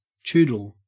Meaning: A mixed breed dog that is partially chihuahua and partially poodle
- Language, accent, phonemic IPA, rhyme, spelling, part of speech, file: English, Australia, /ˈt͡ʃuː.dəl/, -uːdəl, choodle, noun, En-au-choodle.ogg